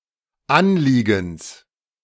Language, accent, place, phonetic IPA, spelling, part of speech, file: German, Germany, Berlin, [ˈanˌliːɡn̩s], Anliegens, noun, De-Anliegens.ogg
- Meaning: genitive singular of Anliegen